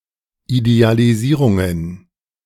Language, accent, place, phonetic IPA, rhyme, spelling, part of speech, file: German, Germany, Berlin, [idealiˈziːʁʊŋən], -iːʁʊŋən, Idealisierungen, noun, De-Idealisierungen.ogg
- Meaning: plural of Idealisierung